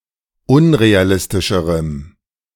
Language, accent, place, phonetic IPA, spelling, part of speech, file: German, Germany, Berlin, [ˈʊnʁeaˌlɪstɪʃəʁəm], unrealistischerem, adjective, De-unrealistischerem.ogg
- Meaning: strong dative masculine/neuter singular comparative degree of unrealistisch